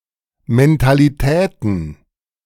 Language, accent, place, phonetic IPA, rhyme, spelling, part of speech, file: German, Germany, Berlin, [mɛntaliˈtɛːtn̩], -ɛːtn̩, Mentalitäten, noun, De-Mentalitäten.ogg
- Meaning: plural of Mentalität